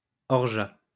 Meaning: 1. orgeat 2. a drink made of orgeat syrup, diluted with water
- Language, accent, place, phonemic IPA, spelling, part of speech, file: French, France, Lyon, /ɔʁ.ʒa/, orgeat, noun, LL-Q150 (fra)-orgeat.wav